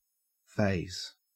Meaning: To frighten or cause hesitation; to daunt, put off (usually used in the negative); to disconcert, to perturb
- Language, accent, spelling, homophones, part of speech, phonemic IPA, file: English, Australia, faze, phase, verb, /fæɪz/, En-au-faze.ogg